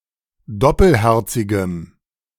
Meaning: strong dative masculine/neuter singular of doppelherzig
- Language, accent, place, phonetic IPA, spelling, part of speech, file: German, Germany, Berlin, [ˈdɔpəlˌhɛʁt͡sɪɡəm], doppelherzigem, adjective, De-doppelherzigem.ogg